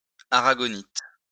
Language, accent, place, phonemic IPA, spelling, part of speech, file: French, France, Lyon, /a.ʁa.ɡɔ.nit/, aragonite, noun, LL-Q150 (fra)-aragonite.wav
- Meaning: aragonite